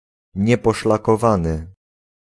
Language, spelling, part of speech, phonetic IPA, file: Polish, nieposzlakowany, adjective, [ˌɲɛpɔʃlakɔˈvãnɨ], Pl-nieposzlakowany.ogg